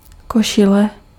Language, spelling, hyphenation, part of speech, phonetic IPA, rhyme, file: Czech, košile, ko‧ši‧le, noun, [ˈkoʃɪlɛ], -ɪlɛ, Cs-košile.ogg
- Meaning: shirt